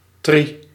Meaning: synonym for trichloorethyleen, a chemical solvent
- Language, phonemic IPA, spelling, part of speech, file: Dutch, /tri/, tri, noun, Nl-tri.ogg